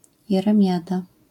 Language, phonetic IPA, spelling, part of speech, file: Polish, [ˌjɛrɛ̃ˈmʲjada], jeremiada, noun, LL-Q809 (pol)-jeremiada.wav